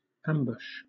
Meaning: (noun) 1. The act of concealing oneself and lying in wait to attack or kill by surprise 2. An attack launched from a concealed position
- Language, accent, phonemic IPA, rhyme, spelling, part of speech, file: English, Southern England, /ˈæm.bʊʃ/, -æmbʊʃ, ambush, noun / verb, LL-Q1860 (eng)-ambush.wav